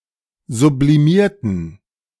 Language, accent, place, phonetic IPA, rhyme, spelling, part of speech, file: German, Germany, Berlin, [zubliˈmiːɐ̯tn̩], -iːɐ̯tn̩, sublimierten, adjective / verb, De-sublimierten.ogg
- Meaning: inflection of sublimieren: 1. first/third-person plural preterite 2. first/third-person plural subjunctive II